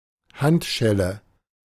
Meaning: handcuff, shackle (for the hands)
- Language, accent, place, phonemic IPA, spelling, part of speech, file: German, Germany, Berlin, /ˈhantˌʃɛlə/, Handschelle, noun, De-Handschelle.ogg